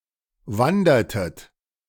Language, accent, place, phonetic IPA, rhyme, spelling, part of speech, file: German, Germany, Berlin, [ˈvandɐtət], -andɐtət, wandertet, verb, De-wandertet.ogg
- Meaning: inflection of wandern: 1. second-person plural preterite 2. second-person plural subjunctive II